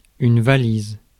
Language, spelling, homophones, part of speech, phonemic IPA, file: French, valise, valisent / valises, noun, /va.liz/, Fr-valise.ogg
- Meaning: 1. case, suitcase 2. eyebag